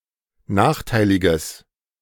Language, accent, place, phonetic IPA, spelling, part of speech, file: German, Germany, Berlin, [ˈnaːxˌtaɪ̯lɪɡəs], nachteiliges, adjective, De-nachteiliges.ogg
- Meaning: strong/mixed nominative/accusative neuter singular of nachteilig